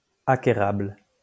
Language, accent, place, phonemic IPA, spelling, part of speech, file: French, France, Lyon, /a.ke.ʁabl/, acquérable, adjective, LL-Q150 (fra)-acquérable.wav
- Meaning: acquirable